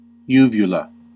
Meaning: Ellipsis of palatine uvula, the fleshy appendage that hangs from the back of the soft palate, that closes the nasopharynx during swallowing
- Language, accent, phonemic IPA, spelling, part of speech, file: English, General American, /ˈju.vjəl.ə/, uvula, noun, En-us-uvula.ogg